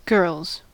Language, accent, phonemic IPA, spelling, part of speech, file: English, US, /ɡɝlz/, girls, noun / verb, En-us-girls.ogg
- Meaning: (noun) 1. plural of girl 2. A woman's breasts; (verb) third-person singular simple present indicative of girl